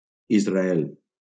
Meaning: 1. Israel (a country in Western Asia in the Middle East, at the eastern shore of the Mediterranean) 2. a male given name, equivalent to English Israel
- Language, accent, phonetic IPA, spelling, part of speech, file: Catalan, Valencia, [iz.raˈɛl], Israel, proper noun, LL-Q7026 (cat)-Israel.wav